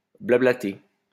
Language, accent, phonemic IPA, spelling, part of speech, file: French, France, /bla.bla.te/, blablater, verb, LL-Q150 (fra)-blablater.wav
- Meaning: to chit-chat, to engage in small talk